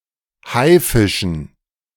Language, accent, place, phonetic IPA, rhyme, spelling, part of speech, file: German, Germany, Berlin, [ˈhaɪ̯ˌfɪʃn̩], -aɪ̯fɪʃn̩, Haifischen, noun, De-Haifischen.ogg
- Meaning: dative plural of Haifisch